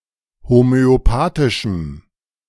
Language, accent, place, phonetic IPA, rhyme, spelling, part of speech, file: German, Germany, Berlin, [homøoˈpaːtɪʃm̩], -aːtɪʃm̩, homöopathischem, adjective, De-homöopathischem.ogg
- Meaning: strong dative masculine/neuter singular of homöopathisch